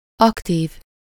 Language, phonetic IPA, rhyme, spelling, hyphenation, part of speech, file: Hungarian, [ˈɒktiːv], -iːv, aktív, ak‧tív, adjective, Hu-aktív.ogg
- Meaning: active